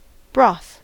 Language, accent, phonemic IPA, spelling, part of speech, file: English, US, /bɹɔθ/, broth, noun, En-us-broth.ogg
- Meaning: 1. Water in which food (meat, vegetable, etc.) has been boiled 2. A soup made from broth and other ingredients such as vegetables, herbs or diced meat